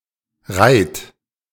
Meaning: inflection of reihen: 1. third-person singular present 2. second-person plural present 3. plural imperative
- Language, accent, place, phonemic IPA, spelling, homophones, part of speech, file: German, Germany, Berlin, /ʁaɪ̯t/, reiht, reit / Rheydt, verb, De-reiht.ogg